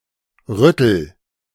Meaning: inflection of rütteln: 1. first-person singular present 2. singular imperative
- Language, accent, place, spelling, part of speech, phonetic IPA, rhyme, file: German, Germany, Berlin, rüttel, verb, [ˈʁʏtl̩], -ʏtl̩, De-rüttel.ogg